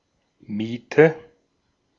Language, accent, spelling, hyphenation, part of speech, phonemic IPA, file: German, Austria, Miete, Mie‧te, noun, /ˈmiːtə/, De-at-Miete.ogg
- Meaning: 1. rent 2. clamp (heap of potatoes or other root vegetables stored under straw or earth)